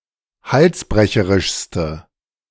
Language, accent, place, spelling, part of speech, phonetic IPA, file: German, Germany, Berlin, halsbrecherischste, adjective, [ˈhalsˌbʁɛçəʁɪʃstə], De-halsbrecherischste.ogg
- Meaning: inflection of halsbrecherisch: 1. strong/mixed nominative/accusative feminine singular superlative degree 2. strong nominative/accusative plural superlative degree